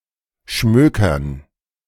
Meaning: to read leisurely, to delve into a book or magazine
- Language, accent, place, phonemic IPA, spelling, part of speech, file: German, Germany, Berlin, /ˈʃmøːkɐn/, schmökern, verb, De-schmökern.ogg